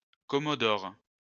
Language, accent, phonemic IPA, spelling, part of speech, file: French, France, /kɔ.mɔ.dɔʁ/, commodore, noun, LL-Q150 (fra)-commodore.wav
- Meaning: commodore, a naval military rank between captain (capitaine de vaisseau or capitaine de croiseur) and rear admiral (contre-amiral)